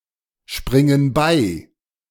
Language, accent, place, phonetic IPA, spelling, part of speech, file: German, Germany, Berlin, [ˌʃpʁɪŋən ˈbaɪ̯], springen bei, verb, De-springen bei.ogg
- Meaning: inflection of beispringen: 1. first/third-person plural present 2. first/third-person plural subjunctive I